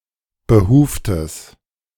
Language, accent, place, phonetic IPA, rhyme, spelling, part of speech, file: German, Germany, Berlin, [bəˈhuːftəs], -uːftəs, behuftes, adjective, De-behuftes.ogg
- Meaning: strong/mixed nominative/accusative neuter singular of behuft